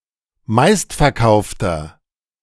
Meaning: inflection of meistverkauft: 1. strong/mixed nominative masculine singular 2. strong genitive/dative feminine singular 3. strong genitive plural
- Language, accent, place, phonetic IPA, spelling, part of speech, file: German, Germany, Berlin, [ˈmaɪ̯stfɛɐ̯ˌkaʊ̯ftɐ], meistverkaufter, adjective, De-meistverkaufter.ogg